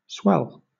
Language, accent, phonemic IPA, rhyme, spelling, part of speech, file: English, Southern England, /swɛl/, -ɛl, swell, verb / noun / adjective / adverb, LL-Q1860 (eng)-swell.wav
- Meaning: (verb) 1. To become larger, fuller, or rounder, or expand in size or shape, usually as a result of pressure from within 2. To cause to become bigger 3. To grow gradually in force or loudness